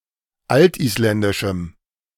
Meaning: strong dative masculine/neuter singular of altisländisch
- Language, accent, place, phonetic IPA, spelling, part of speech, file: German, Germany, Berlin, [ˈaltʔiːsˌlɛndɪʃm̩], altisländischem, adjective, De-altisländischem.ogg